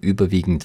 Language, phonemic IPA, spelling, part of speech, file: German, /ˈyːbɐˌviːɡn̩t/, überwiegend, verb / adjective / adverb, De-überwiegend.ogg
- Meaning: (verb) present participle of überwiegen; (adjective) predominant, prevalent; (adverb) largely, mostly, predominantly